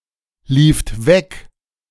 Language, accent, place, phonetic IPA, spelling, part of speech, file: German, Germany, Berlin, [ˌliːft ˈvɛk], lieft weg, verb, De-lieft weg.ogg
- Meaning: second-person plural preterite of weglaufen